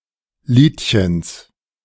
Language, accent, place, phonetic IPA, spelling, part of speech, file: German, Germany, Berlin, [ˈliːtçəns], Liedchens, noun, De-Liedchens.ogg
- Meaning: genitive of Liedchen